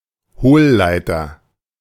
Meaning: waveguide
- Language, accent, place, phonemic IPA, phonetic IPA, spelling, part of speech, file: German, Germany, Berlin, /ˈhoːˌlaɪ̯təʁ/, [ˈhoːˌlaɪ̯tɐ], Hohlleiter, noun, De-Hohlleiter.ogg